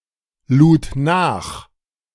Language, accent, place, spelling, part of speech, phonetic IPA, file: German, Germany, Berlin, lud nach, verb, [ˌluːt ˈnaːx], De-lud nach.ogg
- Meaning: first/third-person singular preterite of nachladen